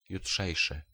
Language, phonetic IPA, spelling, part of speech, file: Polish, [juˈṭʃɛjʃɨ], jutrzejszy, adjective, Pl-jutrzejszy.ogg